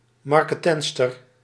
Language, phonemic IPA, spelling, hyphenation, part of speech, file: Dutch, /ˌmɑr.kəˈtɛnt.stər/, marketentster, mar‧ke‧tent‧ster, noun, Nl-marketentster.ogg
- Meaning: female sutler